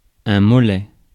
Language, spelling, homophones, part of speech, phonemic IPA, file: French, mollet, Molet / Mollet, adjective / noun, /mɔ.lɛ/, Fr-mollet.ogg
- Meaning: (adjective) 1. soft 2. soft-boiled; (noun) calf